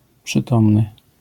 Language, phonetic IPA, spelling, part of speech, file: Polish, [pʃɨˈtɔ̃mnɨ], przytomny, adjective, LL-Q809 (pol)-przytomny.wav